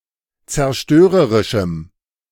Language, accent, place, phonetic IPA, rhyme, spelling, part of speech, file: German, Germany, Berlin, [t͡sɛɐ̯ˈʃtøːʁəʁɪʃm̩], -øːʁəʁɪʃm̩, zerstörerischem, adjective, De-zerstörerischem.ogg
- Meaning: strong dative masculine/neuter singular of zerstörerisch